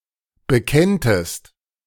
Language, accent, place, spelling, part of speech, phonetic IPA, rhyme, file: German, Germany, Berlin, bekenntest, verb, [bəˈkɛntəst], -ɛntəst, De-bekenntest.ogg
- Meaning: second-person singular subjunctive I of bekennen